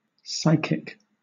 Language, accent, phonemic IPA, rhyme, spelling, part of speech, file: English, Southern England, /ˈsaɪkɪk/, -aɪkɪk, psychic, noun / adjective, LL-Q1860 (eng)-psychic.wav